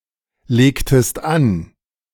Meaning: inflection of anlegen: 1. second-person singular preterite 2. second-person singular subjunctive II
- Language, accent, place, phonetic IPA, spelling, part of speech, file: German, Germany, Berlin, [ˌleːktəst ˈan], legtest an, verb, De-legtest an.ogg